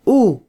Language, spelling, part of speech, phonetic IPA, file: Spanish, u, character / noun / conjunction, [u], Letter u es es.flac